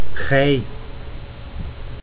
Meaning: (pronoun) 1. you 2. thou, ye; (noun) alternative form of gei (“rope used to furl a sail”)
- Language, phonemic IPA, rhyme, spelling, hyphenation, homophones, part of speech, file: Dutch, /ɣɛi̯/, -ɛi̯, gij, gij, gei, pronoun / noun, Nl-gij.ogg